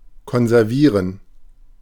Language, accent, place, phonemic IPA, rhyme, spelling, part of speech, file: German, Germany, Berlin, /kɔnzɛʁˈviːʁən/, -iːʁən, konservieren, verb, De-konservieren.ogg
- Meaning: to conserve, to preserve